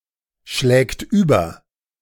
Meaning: third-person singular present of überschlagen
- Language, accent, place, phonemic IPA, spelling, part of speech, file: German, Germany, Berlin, /ˌʃlɛːkt ˈyːbɐ/, schlägt über, verb, De-schlägt über.ogg